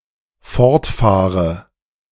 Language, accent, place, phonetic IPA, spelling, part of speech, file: German, Germany, Berlin, [ˈfɔʁtˌfaːʁə], fortfahre, verb, De-fortfahre.ogg
- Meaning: inflection of fortfahren: 1. first-person singular dependent present 2. first/third-person singular dependent subjunctive I